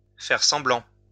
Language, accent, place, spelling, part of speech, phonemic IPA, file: French, France, Lyon, faire semblant, verb, /fɛʁ sɑ̃.blɑ̃/, LL-Q150 (fra)-faire semblant.wav
- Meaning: to pretend